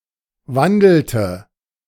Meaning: inflection of wandeln: 1. first/third-person singular preterite 2. first/third-person singular subjunctive II
- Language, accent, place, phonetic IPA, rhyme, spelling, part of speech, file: German, Germany, Berlin, [ˈvandl̩tə], -andl̩tə, wandelte, verb, De-wandelte.ogg